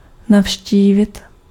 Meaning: to visit
- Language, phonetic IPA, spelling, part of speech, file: Czech, [ˈnafʃciːvɪt], navštívit, verb, Cs-navštívit.ogg